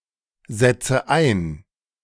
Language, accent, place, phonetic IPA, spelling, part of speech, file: German, Germany, Berlin, [ˌzɛt͡sə ˈaɪ̯n], setze ein, verb, De-setze ein.ogg
- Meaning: inflection of einsetzen: 1. first-person singular present 2. first/third-person singular subjunctive I 3. singular imperative